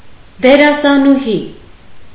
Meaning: actress
- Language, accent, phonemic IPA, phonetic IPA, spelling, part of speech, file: Armenian, Eastern Armenian, /deɾɑsɑnuˈhi/, [deɾɑsɑnuhí], դերասանուհի, noun, Hy-դերասանուհի.ogg